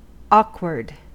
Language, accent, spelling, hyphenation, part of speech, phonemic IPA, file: English, US, awkward, awk‧ward, adjective / noun, /ˈɔk.wɚd/, En-us-awkward.ogg
- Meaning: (adjective) 1. Lacking dexterity in the use of the hands, or of instruments 2. Not easily managed or effected; embarrassing 3. Lacking social skills, or uncomfortable with social interaction